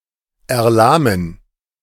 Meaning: to flag, to weaken
- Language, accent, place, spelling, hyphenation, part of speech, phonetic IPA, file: German, Germany, Berlin, erlahmen, er‧lah‧men, verb, [ɛɐ̯ˈlaːmː], De-erlahmen.ogg